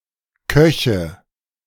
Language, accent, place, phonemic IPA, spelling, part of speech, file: German, Germany, Berlin, /ˈkœçə/, Köche, noun, De-Köche.ogg
- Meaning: nominative/accusative/genitive plural of Koch